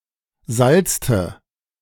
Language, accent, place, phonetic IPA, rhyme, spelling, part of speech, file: German, Germany, Berlin, [ˈzalt͡stə], -alt͡stə, salzte, verb, De-salzte.ogg
- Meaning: inflection of salzen: 1. first/third-person singular preterite 2. first/third-person singular subjunctive II